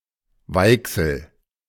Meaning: Volga (a river in Russia)
- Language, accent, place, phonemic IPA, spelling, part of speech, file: German, Germany, Berlin, /ˈvɔlɡa/, Wolga, proper noun, De-Wolga.ogg